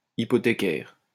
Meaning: hypothecary
- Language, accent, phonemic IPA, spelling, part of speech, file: French, France, /i.pɔ.te.kɛʁ/, hypothécaire, adjective, LL-Q150 (fra)-hypothécaire.wav